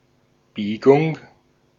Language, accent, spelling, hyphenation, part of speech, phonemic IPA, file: German, Austria, Biegung, Bie‧gung, noun, /ˈbiːɡʊŋ/, De-at-Biegung.ogg
- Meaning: 1. bend; curve 2. inflection